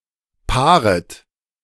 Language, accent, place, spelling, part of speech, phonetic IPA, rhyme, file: German, Germany, Berlin, paaret, verb, [ˈpaːʁət], -aːʁət, De-paaret.ogg
- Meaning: second-person plural subjunctive I of paaren